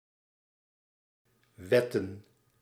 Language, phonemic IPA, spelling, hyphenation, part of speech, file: Dutch, /ˈʋɛ.tə(n)/, wetten, wet‧ten, verb / noun, Nl-wetten.ogg
- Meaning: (verb) 1. to whet, hone or rub on with something for the purpose of sharpening an object (typically a blade) 2. to prepare, make preparations 3. to point as a weapon; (noun) plural of wet